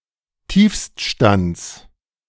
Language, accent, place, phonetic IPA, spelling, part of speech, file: German, Germany, Berlin, [ˈtiːfstˌʃtant͡s], Tiefststands, noun, De-Tiefststands.ogg
- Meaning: genitive singular of Tiefststand